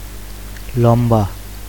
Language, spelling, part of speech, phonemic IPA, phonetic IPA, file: Bengali, লম্বা, adjective, /lɔmba/, [ˈlɔmbaˑ], Bn-লম্বা.ogg
- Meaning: 1. tall 2. long (of vertical things such as hair)